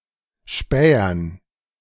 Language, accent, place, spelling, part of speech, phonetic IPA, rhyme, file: German, Germany, Berlin, Spähern, noun, [ˈʃpɛːɐn], -ɛːɐn, De-Spähern.ogg
- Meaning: dative plural of Späher